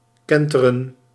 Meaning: 1. to capsize 2. to turn over, to overturn 3. to change, to reverse
- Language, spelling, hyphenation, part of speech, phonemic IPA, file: Dutch, kenteren, ken‧te‧ren, verb, /ˈkɛn.tə.rə(n)/, Nl-kenteren.ogg